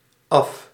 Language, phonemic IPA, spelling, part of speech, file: Dutch, /ɑf/, af-, prefix, Nl-af-.ogg
- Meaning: 1. de-, en- 2. down 3. off